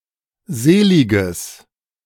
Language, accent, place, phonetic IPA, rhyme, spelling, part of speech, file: German, Germany, Berlin, [ˈzeːˌlɪɡəs], -eːlɪɡəs, seliges, adjective, De-seliges.ogg
- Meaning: strong/mixed nominative/accusative neuter singular of selig